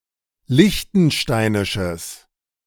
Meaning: strong/mixed nominative/accusative neuter singular of liechtensteinisch
- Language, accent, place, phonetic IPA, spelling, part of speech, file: German, Germany, Berlin, [ˈlɪçtn̩ˌʃtaɪ̯nɪʃəs], liechtensteinisches, adjective, De-liechtensteinisches.ogg